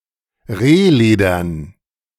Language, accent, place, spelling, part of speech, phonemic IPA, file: German, Germany, Berlin, rehledern, adjective, /ˈʁeːˌleːdɐn/, De-rehledern.ogg
- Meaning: deerskin